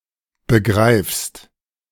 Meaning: second-person singular present of begreifen
- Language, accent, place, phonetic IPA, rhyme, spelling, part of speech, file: German, Germany, Berlin, [bəˈɡʁaɪ̯fst], -aɪ̯fst, begreifst, verb, De-begreifst.ogg